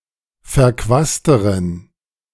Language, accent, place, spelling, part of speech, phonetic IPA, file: German, Germany, Berlin, verquasteren, adjective, [fɛɐ̯ˈkvaːstəʁən], De-verquasteren.ogg
- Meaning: inflection of verquast: 1. strong genitive masculine/neuter singular comparative degree 2. weak/mixed genitive/dative all-gender singular comparative degree